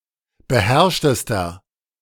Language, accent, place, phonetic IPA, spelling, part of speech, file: German, Germany, Berlin, [bəˈhɛʁʃtəstɐ], beherrschtester, adjective, De-beherrschtester.ogg
- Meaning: inflection of beherrscht: 1. strong/mixed nominative masculine singular superlative degree 2. strong genitive/dative feminine singular superlative degree 3. strong genitive plural superlative degree